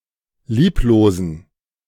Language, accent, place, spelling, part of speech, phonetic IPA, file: German, Germany, Berlin, lieblosen, adjective, [ˈliːploːzn̩], De-lieblosen.ogg
- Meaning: inflection of lieblos: 1. strong genitive masculine/neuter singular 2. weak/mixed genitive/dative all-gender singular 3. strong/weak/mixed accusative masculine singular 4. strong dative plural